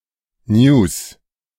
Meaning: news
- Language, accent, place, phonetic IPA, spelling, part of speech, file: German, Germany, Berlin, [njuːs], News, noun, De-News.ogg